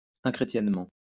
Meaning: unchristianly
- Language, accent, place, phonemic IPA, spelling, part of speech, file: French, France, Lyon, /ɛ̃.kʁe.tjɛn.mɑ̃/, inchrétiennement, adverb, LL-Q150 (fra)-inchrétiennement.wav